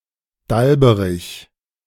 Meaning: giddy
- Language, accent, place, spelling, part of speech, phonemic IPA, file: German, Germany, Berlin, dalberig, adjective, /ˈdalbəʁɪç/, De-dalberig.ogg